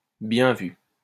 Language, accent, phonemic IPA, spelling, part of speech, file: French, France, /bjɛ̃ vy/, bien vu, interjection, LL-Q150 (fra)-bien vu.wav
- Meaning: well spotted! good thinking! good point! good catch! finely observed!